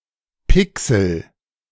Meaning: pixel
- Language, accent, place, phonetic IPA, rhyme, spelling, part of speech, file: German, Germany, Berlin, [ˈpɪksl̩], -ɪksl̩, Pixel, noun, De-Pixel.ogg